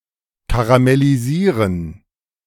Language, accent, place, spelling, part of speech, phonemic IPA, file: German, Germany, Berlin, karamellisieren, verb, /kaʁamɛliˈziːʁən/, De-karamellisieren.ogg
- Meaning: to caramelize